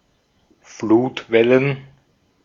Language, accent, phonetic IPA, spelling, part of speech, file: German, Austria, [ˈfluːtˌvɛlən], Flutwellen, noun, De-at-Flutwellen.ogg
- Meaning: plural of Flutwelle